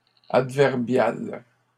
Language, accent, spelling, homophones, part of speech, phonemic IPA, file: French, Canada, adverbiales, adverbial / adverbiale, adjective, /ad.vɛʁ.bjal/, LL-Q150 (fra)-adverbiales.wav
- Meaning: feminine plural of adverbial